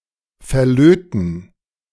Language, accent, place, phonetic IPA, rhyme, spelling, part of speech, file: German, Germany, Berlin, [fɛɐ̯ˈløːtn̩], -øːtn̩, verlöten, verb, De-verlöten.ogg
- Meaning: to solder